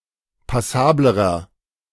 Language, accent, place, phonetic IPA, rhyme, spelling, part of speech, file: German, Germany, Berlin, [paˈsaːbləʁɐ], -aːbləʁɐ, passablerer, adjective, De-passablerer.ogg
- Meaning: inflection of passabel: 1. strong/mixed nominative masculine singular comparative degree 2. strong genitive/dative feminine singular comparative degree 3. strong genitive plural comparative degree